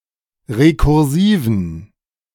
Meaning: inflection of rekursiv: 1. strong genitive masculine/neuter singular 2. weak/mixed genitive/dative all-gender singular 3. strong/weak/mixed accusative masculine singular 4. strong dative plural
- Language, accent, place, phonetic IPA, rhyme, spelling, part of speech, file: German, Germany, Berlin, [ʁekʊʁˈziːvn̩], -iːvn̩, rekursiven, adjective, De-rekursiven.ogg